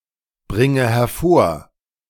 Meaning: inflection of hervorbringen: 1. first-person singular present 2. first/third-person singular subjunctive I 3. singular imperative
- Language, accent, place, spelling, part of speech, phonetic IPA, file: German, Germany, Berlin, bringe hervor, verb, [ˌbʁɪŋə hɛɐ̯ˈfoːɐ̯], De-bringe hervor.ogg